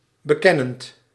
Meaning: present participle of bekennen
- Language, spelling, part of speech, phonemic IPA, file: Dutch, bekennend, verb, /bəˈkɛnənt/, Nl-bekennend.ogg